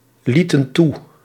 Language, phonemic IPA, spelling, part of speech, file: Dutch, /ˈlitə(n) ˈtu/, lieten toe, verb, Nl-lieten toe.ogg
- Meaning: inflection of toelaten: 1. plural past indicative 2. plural past subjunctive